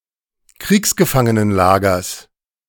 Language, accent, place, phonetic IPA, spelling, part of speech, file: German, Germany, Berlin, [ˈkʁiːksɡəfaŋənənˌlaːɡɐs], Kriegsgefangenenlagers, noun, De-Kriegsgefangenenlagers.ogg
- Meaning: genitive of Kriegsgefangenenlager